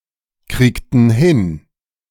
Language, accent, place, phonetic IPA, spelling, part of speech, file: German, Germany, Berlin, [ˌkʁiːktn̩ ˈhɪn], kriegten hin, verb, De-kriegten hin.ogg
- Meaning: inflection of hinkriegen: 1. first/third-person plural preterite 2. first/third-person plural subjunctive II